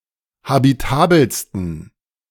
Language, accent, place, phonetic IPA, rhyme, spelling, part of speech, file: German, Germany, Berlin, [habiˈtaːbl̩stn̩], -aːbl̩stn̩, habitabelsten, adjective, De-habitabelsten.ogg
- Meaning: 1. superlative degree of habitabel 2. inflection of habitabel: strong genitive masculine/neuter singular superlative degree